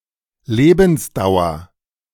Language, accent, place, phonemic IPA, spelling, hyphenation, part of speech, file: German, Germany, Berlin, /ˈleːbn̩sˌdaʊ̯ɐ/, Lebensdauer, Le‧bens‧dau‧er, noun, De-Lebensdauer.ogg
- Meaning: life expectancy, lifetime (working life)